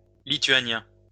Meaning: alternative form of lituanien
- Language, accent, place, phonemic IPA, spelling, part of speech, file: French, France, Lyon, /li.tɥa.njɛ̃/, lithuanien, adjective, LL-Q150 (fra)-lithuanien.wav